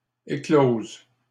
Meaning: 1. feminine singular of éclos 2. first/third-person singular present subjunctive of éclore
- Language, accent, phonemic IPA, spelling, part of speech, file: French, Canada, /e.kloz/, éclose, verb, LL-Q150 (fra)-éclose.wav